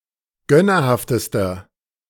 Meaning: inflection of gönnerhaft: 1. strong/mixed nominative masculine singular superlative degree 2. strong genitive/dative feminine singular superlative degree 3. strong genitive plural superlative degree
- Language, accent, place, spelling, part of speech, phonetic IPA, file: German, Germany, Berlin, gönnerhaftester, adjective, [ˈɡœnɐˌhaftəstɐ], De-gönnerhaftester.ogg